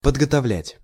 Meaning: to prepare, to train
- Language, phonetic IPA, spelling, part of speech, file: Russian, [pədɡətɐˈvlʲætʲ], подготовлять, verb, Ru-подготовлять.ogg